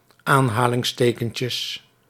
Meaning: plural of aanhalingstekentje
- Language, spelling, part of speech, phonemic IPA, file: Dutch, aanhalingstekentjes, noun, /ˈanhalɪŋsˌtekəɲcəs/, Nl-aanhalingstekentjes.ogg